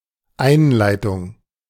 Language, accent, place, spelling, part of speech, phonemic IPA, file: German, Germany, Berlin, Einleitung, noun, /ˈaɪ̯nlaɪ̯tʊŋ/, De-Einleitung.ogg
- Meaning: 1. introduction 2. preamble 3. inlet (of water) 4. induction (of labour)